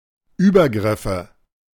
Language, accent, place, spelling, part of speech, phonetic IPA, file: German, Germany, Berlin, Übergriffe, noun, [ˈyːbɐˌɡʁɪfə], De-Übergriffe.ogg
- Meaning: plural of Übergriff